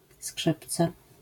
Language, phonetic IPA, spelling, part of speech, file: Polish, [ˈskʃɨpt͡sɛ], skrzypce, noun, LL-Q809 (pol)-skrzypce.wav